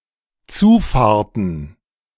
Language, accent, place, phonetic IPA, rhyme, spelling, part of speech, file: German, Germany, Berlin, [ˈt͡suːˌfaːɐ̯tn̩], -uːfaːɐ̯tn̩, Zufahrten, noun, De-Zufahrten.ogg
- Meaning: plural of Zufahrt